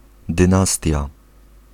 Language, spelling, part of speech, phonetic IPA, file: Polish, dynastia, noun, [dɨ̃ˈnastʲja], Pl-dynastia.ogg